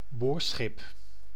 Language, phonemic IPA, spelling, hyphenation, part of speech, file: Dutch, /ˈboːr.sxɪp/, boorschip, boor‧schip, noun, Nl-boorschip.ogg
- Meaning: drillship